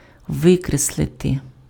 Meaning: to cross out, to strike out, to delete, to efface, to expunge
- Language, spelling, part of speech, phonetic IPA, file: Ukrainian, викреслити, verb, [ˈʋɪkresɫete], Uk-викреслити.ogg